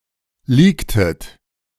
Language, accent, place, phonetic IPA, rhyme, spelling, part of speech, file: German, Germany, Berlin, [ˈliːktət], -iːktət, leaktet, verb, De-leaktet.ogg
- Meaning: inflection of leaken: 1. second-person plural preterite 2. second-person plural subjunctive II